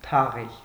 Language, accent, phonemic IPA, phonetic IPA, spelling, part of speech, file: Armenian, Eastern Armenian, /tʰɑˈʁel/, [tʰɑʁél], թաղել, verb, Hy-թաղել.ogg
- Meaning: 1. to bury, to inter (to place in a grave) 2. to bury (to accompany the dead with ritual and place them in a grave) 3. to bury (to place in the ground) 4. to cover (with soil) 5. to thrust, to push in